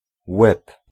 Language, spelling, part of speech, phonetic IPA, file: Polish, łeb, noun, [wɛp], Pl-łeb.ogg